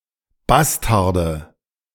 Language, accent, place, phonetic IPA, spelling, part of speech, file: German, Germany, Berlin, [ˈbastaʁdə], Bastarde, noun, De-Bastarde.ogg
- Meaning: nominative/accusative/genitive plural of Bastard